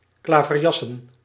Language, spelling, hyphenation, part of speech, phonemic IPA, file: Dutch, klaverjassen, kla‧ver‧jas‧sen, noun / verb, /ˌklaː.vərˈjɑ.sə(n)/, Nl-klaverjassen.ogg
- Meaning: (noun) a type of trick-taking card game popular in the Netherlands, akin to belote and tarabish; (verb) to play the above card game